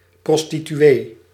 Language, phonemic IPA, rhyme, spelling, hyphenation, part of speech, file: Dutch, /ˌprɔs.ti.tyˈeː/, -eː, prostituee, pros‧ti‧tu‧ee, noun, Nl-prostituee.ogg
- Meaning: prostitute